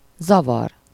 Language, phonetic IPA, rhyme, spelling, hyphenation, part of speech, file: Hungarian, [ˈzɒvɒr], -ɒr, zavar, za‧var, noun / verb, Hu-zavar.ogg
- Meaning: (noun) 1. confusion, disorder, muddle, chaos 2. malfunction, disturbance, hitch, fault